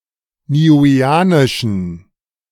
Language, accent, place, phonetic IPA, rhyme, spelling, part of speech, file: German, Germany, Berlin, [niːˌuːeːˈaːnɪʃn̩], -aːnɪʃn̩, niueanischen, adjective, De-niueanischen.ogg
- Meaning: inflection of niueanisch: 1. strong genitive masculine/neuter singular 2. weak/mixed genitive/dative all-gender singular 3. strong/weak/mixed accusative masculine singular 4. strong dative plural